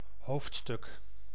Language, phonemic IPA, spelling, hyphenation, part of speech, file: Dutch, /ˈhoftstʏk/, hoofdstuk, hoofd‧stuk, noun, Nl-hoofdstuk.ogg
- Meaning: chapter (in a book, film etc.)